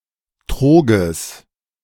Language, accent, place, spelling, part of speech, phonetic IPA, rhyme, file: German, Germany, Berlin, Troges, noun, [ˈtʁoːɡəs], -oːɡəs, De-Troges.ogg
- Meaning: genitive singular of Trog